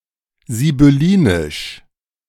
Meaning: sibylline
- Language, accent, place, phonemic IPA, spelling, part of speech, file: German, Germany, Berlin, /zibʏˈliːnɪʃ/, sibyllinisch, adjective, De-sibyllinisch.ogg